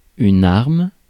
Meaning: weapon
- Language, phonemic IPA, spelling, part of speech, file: French, /aʁm/, arme, noun, Fr-arme.ogg